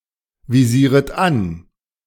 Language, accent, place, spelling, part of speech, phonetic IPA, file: German, Germany, Berlin, visieret an, verb, [viˌziːʁət ˈan], De-visieret an.ogg
- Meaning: second-person plural subjunctive I of anvisieren